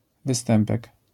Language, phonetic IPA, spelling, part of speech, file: Polish, [vɨˈstɛ̃mpɛk], występek, noun, LL-Q809 (pol)-występek.wav